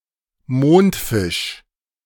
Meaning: sunfish, ocean sunfish, common mola (Mola mola)
- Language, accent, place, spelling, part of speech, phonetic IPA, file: German, Germany, Berlin, Mondfisch, noun, [ˈmoːntˌfɪʃ], De-Mondfisch.ogg